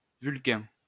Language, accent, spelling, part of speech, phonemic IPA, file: French, France, Vulcain, proper noun, /vyl.kɛ̃/, LL-Q150 (fra)-Vulcain.wav
- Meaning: 1. Vulcan (Roman god) 2. Vulcan (hypothetical planet)